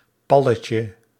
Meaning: diminutive of pal
- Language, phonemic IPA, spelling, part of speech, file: Dutch, /ˈpɑlətjə/, palletje, noun, Nl-palletje2.ogg